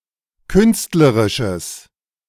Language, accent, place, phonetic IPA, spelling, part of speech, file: German, Germany, Berlin, [ˈkʏnstləʁɪʃəs], künstlerisches, adjective, De-künstlerisches.ogg
- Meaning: strong/mixed nominative/accusative neuter singular of künstlerisch